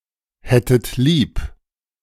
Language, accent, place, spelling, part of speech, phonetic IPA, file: German, Germany, Berlin, hättet lieb, verb, [ˌhɛtət ˈliːp], De-hättet lieb.ogg
- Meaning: second-person plural subjunctive II of lieb haben